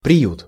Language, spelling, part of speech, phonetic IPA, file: Russian, приют, noun, [prʲɪˈjut], Ru-приют.ogg
- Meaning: 1. refuge, shelter 2. asylum, orphanage 3. flophouse, doss-house